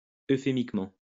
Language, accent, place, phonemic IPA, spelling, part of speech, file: French, France, Lyon, /ø.fe.mik.mɑ̃/, euphémiquement, adverb, LL-Q150 (fra)-euphémiquement.wav
- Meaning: euphemistically